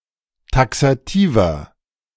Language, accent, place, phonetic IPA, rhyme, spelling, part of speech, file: German, Germany, Berlin, [ˌtaksaˈtiːvɐ], -iːvɐ, taxativer, adjective, De-taxativer.ogg
- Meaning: inflection of taxativ: 1. strong/mixed nominative masculine singular 2. strong genitive/dative feminine singular 3. strong genitive plural